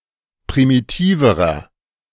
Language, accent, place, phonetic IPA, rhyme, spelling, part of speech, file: German, Germany, Berlin, [pʁimiˈtiːvəʁɐ], -iːvəʁɐ, primitiverer, adjective, De-primitiverer.ogg
- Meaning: inflection of primitiv: 1. strong/mixed nominative masculine singular comparative degree 2. strong genitive/dative feminine singular comparative degree 3. strong genitive plural comparative degree